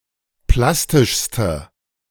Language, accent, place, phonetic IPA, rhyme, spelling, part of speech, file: German, Germany, Berlin, [ˈplastɪʃstə], -astɪʃstə, plastischste, adjective, De-plastischste.ogg
- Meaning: inflection of plastisch: 1. strong/mixed nominative/accusative feminine singular superlative degree 2. strong nominative/accusative plural superlative degree